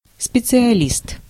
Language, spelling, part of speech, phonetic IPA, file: Russian, специалист, noun, [spʲɪt͡sɨɐˈlʲist], Ru-специалист.ogg
- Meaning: 1. specialist, expert 2. specialist degree (a five-year university or college degree similar to BSc or MS)